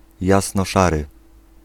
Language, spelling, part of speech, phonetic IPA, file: Polish, jasnoszary, adjective, [ˌjasnɔˈʃarɨ], Pl-jasnoszary.ogg